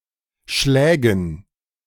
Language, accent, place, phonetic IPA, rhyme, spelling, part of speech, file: German, Germany, Berlin, [ˈʃlɛːɡn̩], -ɛːɡn̩, Schlägen, noun, De-Schlägen.ogg
- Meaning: dative plural of Schlag